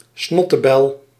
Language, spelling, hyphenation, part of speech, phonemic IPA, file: Dutch, snottebel, snot‧te‧bel, noun, /ˈsnɔ.təˌbɛl/, Nl-snottebel.ogg
- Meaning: snot, especially that is visible on someone's nose